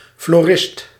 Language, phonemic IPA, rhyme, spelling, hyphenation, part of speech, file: Dutch, /floːˈrɪst/, -ɪst, florist, flo‧rist, noun, Nl-florist.ogg
- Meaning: 1. one who engages in the study of wild flora (floristics) 2. speculator in tulips around the time of the tulip mania